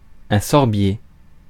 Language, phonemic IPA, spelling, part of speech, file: French, /sɔʁ.bje/, sorbier, noun, Fr-sorbier.ogg
- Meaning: any tree of Sorbus, the whitebeam, rowan, service tree or mountain ash